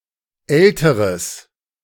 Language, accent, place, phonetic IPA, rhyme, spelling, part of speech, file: German, Germany, Berlin, [ˈɛltəʁəs], -ɛltəʁəs, älteres, adjective, De-älteres.ogg
- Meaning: strong/mixed nominative/accusative neuter singular comparative degree of alt